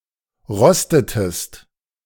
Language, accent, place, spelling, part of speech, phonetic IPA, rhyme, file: German, Germany, Berlin, rostetest, verb, [ˈʁɔstətəst], -ɔstətəst, De-rostetest.ogg
- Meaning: inflection of rosten: 1. second-person singular preterite 2. second-person singular subjunctive II